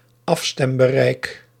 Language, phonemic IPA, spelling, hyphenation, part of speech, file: Dutch, /ˈɑf.stɛm.bəˌrɛi̯k/, afstembereik, af‧stem‧be‧reik, noun, Nl-afstembereik.ogg
- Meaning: tuning range, frequency range (of a radio)